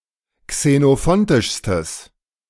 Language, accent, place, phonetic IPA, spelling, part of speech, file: German, Germany, Berlin, [ksenoˈfɔntɪʃstəs], xenophontischstes, adjective, De-xenophontischstes.ogg
- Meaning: strong/mixed nominative/accusative neuter singular superlative degree of xenophontisch